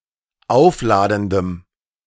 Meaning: strong dative masculine/neuter singular of aufladend
- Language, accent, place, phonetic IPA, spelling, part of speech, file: German, Germany, Berlin, [ˈaʊ̯fˌlaːdn̩dəm], aufladendem, adjective, De-aufladendem.ogg